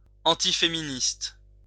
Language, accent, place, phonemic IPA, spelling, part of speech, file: French, France, Lyon, /ɑ̃.ti.fe.mi.nist/, antiféministe, adjective, LL-Q150 (fra)-antiféministe.wav
- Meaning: antifeminist